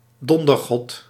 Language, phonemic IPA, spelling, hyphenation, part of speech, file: Dutch, /ˈdɔn.dərˌɣɔt/, dondergod, don‧der‧god, noun, Nl-dondergod.ogg
- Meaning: god of thunder